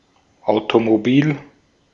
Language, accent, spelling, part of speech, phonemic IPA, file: German, Austria, Automobil, noun, /aʊ̯tomoˈbiːl/, De-at-Automobil.ogg
- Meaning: car (automobile, a vehicle steered by a driver)